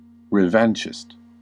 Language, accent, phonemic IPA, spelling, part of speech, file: English, US, /ɹəˈvɑnt͡ʃɪst/, revanchist, noun / adjective, En-us-revanchist.ogg
- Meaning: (noun) A revanchist person; occasionally, anyone seeking vengeance